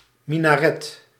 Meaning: minaret
- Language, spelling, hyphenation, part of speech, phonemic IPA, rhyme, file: Dutch, minaret, mi‧na‧ret, noun, /ˌmi.naːˈrɛt/, -ɛt, Nl-minaret.ogg